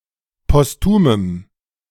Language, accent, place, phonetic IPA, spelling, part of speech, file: German, Germany, Berlin, [pɔsˈtuːməm], postumem, adjective, De-postumem.ogg
- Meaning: strong dative masculine/neuter singular of postum